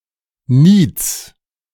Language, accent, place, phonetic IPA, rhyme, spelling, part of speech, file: German, Germany, Berlin, [niːt͡s], -iːt͡s, Niets, noun, De-Niets.ogg
- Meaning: genitive of Niet